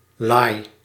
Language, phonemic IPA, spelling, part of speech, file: Dutch, /laj/, laai, noun / adjective / verb, Nl-laai.ogg
- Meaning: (noun) 1. flame 2. glow; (verb) inflection of laaien: 1. first-person singular present indicative 2. second-person singular present indicative 3. imperative